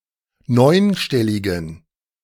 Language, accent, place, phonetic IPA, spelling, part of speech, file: German, Germany, Berlin, [ˈnɔɪ̯nˌʃtɛlɪɡn̩], neunstelligen, adjective, De-neunstelligen.ogg
- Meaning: inflection of neunstellig: 1. strong genitive masculine/neuter singular 2. weak/mixed genitive/dative all-gender singular 3. strong/weak/mixed accusative masculine singular 4. strong dative plural